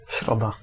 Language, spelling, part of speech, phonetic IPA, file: Polish, środa, noun, [ˈɕrɔda], Pl-środa.ogg